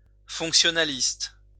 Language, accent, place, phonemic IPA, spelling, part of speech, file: French, France, Lyon, /fɔ̃k.sjɔ.na.list/, fonctionnaliste, adjective / noun, LL-Q150 (fra)-fonctionnaliste.wav
- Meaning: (adjective) functionalist